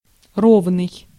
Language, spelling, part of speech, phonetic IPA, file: Russian, ровный, adjective, [ˈrovnɨj], Ru-ровный.ogg
- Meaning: 1. even, level, flat, smooth 2. straight 3. equal, balanced